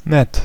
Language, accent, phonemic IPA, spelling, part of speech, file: German, Germany, /nɛt/, nett, adjective, De-nett.ogg
- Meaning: 1. nice; friendly; likable 2. kind; sweet; helpful 3. nice; okay; decent; often expressing a more reluctant praise